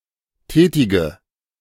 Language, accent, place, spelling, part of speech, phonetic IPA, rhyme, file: German, Germany, Berlin, tätige, adjective / verb, [ˈtɛːtɪɡə], -ɛːtɪɡə, De-tätige.ogg
- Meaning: inflection of tätig: 1. strong/mixed nominative/accusative feminine singular 2. strong nominative/accusative plural 3. weak nominative all-gender singular 4. weak accusative feminine/neuter singular